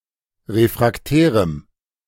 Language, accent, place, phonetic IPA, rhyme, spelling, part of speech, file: German, Germany, Berlin, [ˌʁefʁakˈtɛːʁəm], -ɛːʁəm, refraktärem, adjective, De-refraktärem.ogg
- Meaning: strong dative masculine/neuter singular of refraktär